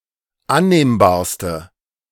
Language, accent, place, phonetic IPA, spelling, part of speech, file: German, Germany, Berlin, [ˈanneːmbaːɐ̯stə], annehmbarste, adjective, De-annehmbarste.ogg
- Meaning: inflection of annehmbar: 1. strong/mixed nominative/accusative feminine singular superlative degree 2. strong nominative/accusative plural superlative degree